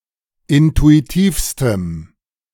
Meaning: strong dative masculine/neuter singular superlative degree of intuitiv
- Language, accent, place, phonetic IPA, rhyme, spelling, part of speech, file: German, Germany, Berlin, [ˌɪntuiˈtiːfstəm], -iːfstəm, intuitivstem, adjective, De-intuitivstem.ogg